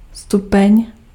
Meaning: 1. stair (a single step in a staircase) 2. degree, level, grade 3. stage, phase 4. degree, extent 5. degree
- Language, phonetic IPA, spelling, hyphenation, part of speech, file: Czech, [ˈstupɛɲ], stupeň, stu‧peň, noun, Cs-stupeň.ogg